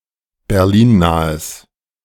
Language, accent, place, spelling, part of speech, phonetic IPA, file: German, Germany, Berlin, berlinnahes, adjective, [bɛʁˈliːnˌnaːəs], De-berlinnahes.ogg
- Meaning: strong/mixed nominative/accusative neuter singular of berlinnah